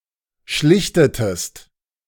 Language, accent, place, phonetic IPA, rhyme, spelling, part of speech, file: German, Germany, Berlin, [ˈʃlɪçtətəst], -ɪçtətəst, schlichtetest, verb, De-schlichtetest.ogg
- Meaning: inflection of schlichten: 1. second-person singular preterite 2. second-person singular subjunctive II